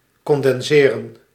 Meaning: to condense
- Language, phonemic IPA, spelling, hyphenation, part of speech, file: Dutch, /kɔndɛnˈzeːrə(n)/, condenseren, con‧den‧se‧ren, verb, Nl-condenseren.ogg